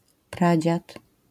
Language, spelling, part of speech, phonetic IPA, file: Polish, pradziad, noun, [ˈprad͡ʑat], LL-Q809 (pol)-pradziad.wav